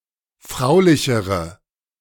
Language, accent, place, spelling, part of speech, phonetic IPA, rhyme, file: German, Germany, Berlin, fraulichere, adjective, [ˈfʁaʊ̯lɪçəʁə], -aʊ̯lɪçəʁə, De-fraulichere.ogg
- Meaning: inflection of fraulich: 1. strong/mixed nominative/accusative feminine singular comparative degree 2. strong nominative/accusative plural comparative degree